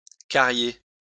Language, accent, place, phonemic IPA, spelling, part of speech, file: French, France, Lyon, /ka.ʁje/, carier, verb, LL-Q150 (fra)-carier.wav
- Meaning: to rot, to rot away